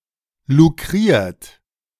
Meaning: 1. past participle of lukrieren 2. inflection of lukrieren: second-person plural present 3. inflection of lukrieren: third-person singular present 4. inflection of lukrieren: plural imperative
- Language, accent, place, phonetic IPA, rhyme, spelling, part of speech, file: German, Germany, Berlin, [luˈkʁiːɐ̯t], -iːɐ̯t, lukriert, verb, De-lukriert.ogg